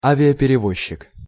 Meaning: air carrier
- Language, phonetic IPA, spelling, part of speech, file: Russian, [ˌavʲɪəpʲɪrʲɪˈvoɕːɪk], авиаперевозчик, noun, Ru-авиаперевозчик.ogg